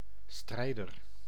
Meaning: fighter
- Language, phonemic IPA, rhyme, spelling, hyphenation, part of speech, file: Dutch, /ˈstrɛi̯.dər/, -ɛi̯dər, strijder, strij‧der, noun, Nl-strijder.ogg